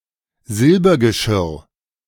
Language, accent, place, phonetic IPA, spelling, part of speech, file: German, Germany, Berlin, [ˈzɪlbɐɡəˌʃɪʁ], Silbergeschirr, noun, De-Silbergeschirr.ogg
- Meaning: silver plate / dish